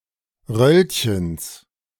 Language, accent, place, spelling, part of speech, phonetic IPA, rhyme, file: German, Germany, Berlin, Röllchens, noun, [ˈʁœlçəns], -œlçəns, De-Röllchens.ogg
- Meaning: genitive singular of Röllchen